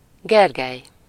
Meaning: 1. a male given name, equivalent to English Gregory 2. a surname
- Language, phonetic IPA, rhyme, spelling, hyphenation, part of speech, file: Hungarian, [ˈɡɛrɡɛj], -ɛj, Gergely, Ger‧gely, proper noun, Hu-Gergely.ogg